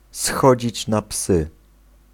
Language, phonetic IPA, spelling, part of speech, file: Polish, [ˈsxɔd͡ʑit͡ɕ na‿ˈpsɨ], schodzić na psy, phrase, Pl-schodzić na psy.ogg